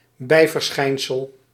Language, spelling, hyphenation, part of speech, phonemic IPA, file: Dutch, bijverschijnsel, bij‧ver‧schijn‧sel, noun, /ˈbɛi̯.vərˌsxɛi̯n.səl/, Nl-bijverschijnsel.ogg
- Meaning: epiphenomenon